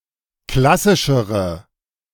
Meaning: inflection of klassisch: 1. strong/mixed nominative/accusative feminine singular comparative degree 2. strong nominative/accusative plural comparative degree
- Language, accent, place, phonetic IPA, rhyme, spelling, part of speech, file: German, Germany, Berlin, [ˈklasɪʃəʁə], -asɪʃəʁə, klassischere, adjective, De-klassischere.ogg